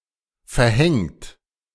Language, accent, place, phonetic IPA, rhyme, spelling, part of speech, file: German, Germany, Berlin, [fɛɐ̯ˈhɛŋt], -ɛŋt, verhängt, verb, De-verhängt.ogg
- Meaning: 1. past participle of verhängen 2. inflection of verhängen: third-person singular present 3. inflection of verhängen: second-person plural present 4. inflection of verhängen: plural imperative